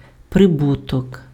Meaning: 1. profit 2. gain, return, benefit 3. income, receipt
- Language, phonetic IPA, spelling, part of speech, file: Ukrainian, [preˈbutɔk], прибуток, noun, Uk-прибуток.ogg